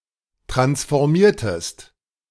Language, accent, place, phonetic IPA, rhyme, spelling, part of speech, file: German, Germany, Berlin, [ˌtʁansfɔʁˈmiːɐ̯təst], -iːɐ̯təst, transformiertest, verb, De-transformiertest.ogg
- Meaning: inflection of transformieren: 1. second-person singular preterite 2. second-person singular subjunctive II